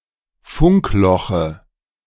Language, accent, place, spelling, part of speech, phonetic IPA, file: German, Germany, Berlin, Funkloche, noun, [ˈfʊŋkˌlɔxə], De-Funkloche.ogg
- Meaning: dative singular of Funkloch